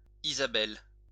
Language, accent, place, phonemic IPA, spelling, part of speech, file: French, France, Lyon, /i.za.bɛl/, isabelle, adjective, LL-Q150 (fra)-isabelle.wav
- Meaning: light tan